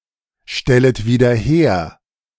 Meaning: second-person plural subjunctive I of wiederherstellen
- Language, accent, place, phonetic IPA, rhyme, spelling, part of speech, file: German, Germany, Berlin, [ˌʃtɛlət viːdɐ ˈheːɐ̯], -eːɐ̯, stellet wieder her, verb, De-stellet wieder her.ogg